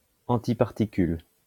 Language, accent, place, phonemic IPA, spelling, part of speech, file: French, France, Lyon, /ɑ̃.ti.paʁ.ti.kyl/, antiparticule, noun, LL-Q150 (fra)-antiparticule.wav
- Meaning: antiparticle